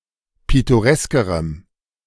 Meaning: strong dative masculine/neuter singular comparative degree of pittoresk
- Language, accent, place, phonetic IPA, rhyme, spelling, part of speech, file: German, Germany, Berlin, [ˌpɪtoˈʁɛskəʁəm], -ɛskəʁəm, pittoreskerem, adjective, De-pittoreskerem.ogg